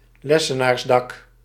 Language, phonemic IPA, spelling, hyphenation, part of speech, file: Dutch, /ˈlɛsənaːrsˌdɑk/, lessenaarsdak, les‧se‧naars‧dak, noun, Nl-lessenaarsdak.ogg
- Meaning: pent roof